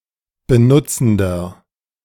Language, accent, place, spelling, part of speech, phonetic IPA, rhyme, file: German, Germany, Berlin, benutzender, adjective, [bəˈnʊt͡sn̩dɐ], -ʊt͡sn̩dɐ, De-benutzender.ogg
- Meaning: inflection of benutzend: 1. strong/mixed nominative masculine singular 2. strong genitive/dative feminine singular 3. strong genitive plural